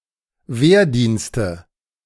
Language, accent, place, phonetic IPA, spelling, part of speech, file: German, Germany, Berlin, [ˈveːɐ̯ˌdiːnstə], Wehrdienste, noun, De-Wehrdienste.ogg
- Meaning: nominative/accusative/genitive plural of Wehrdienst